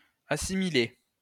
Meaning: feminine singular of assimilé
- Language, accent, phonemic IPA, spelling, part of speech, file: French, France, /a.si.mi.le/, assimilée, verb, LL-Q150 (fra)-assimilée.wav